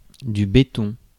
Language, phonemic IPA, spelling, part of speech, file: French, /be.tɔ̃/, béton, noun / verb, Fr-béton.ogg
- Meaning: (noun) concrete; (verb) only used in laisse béton